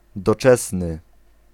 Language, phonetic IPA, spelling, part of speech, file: Polish, [dɔˈt͡ʃɛsnɨ], doczesny, adjective, Pl-doczesny.ogg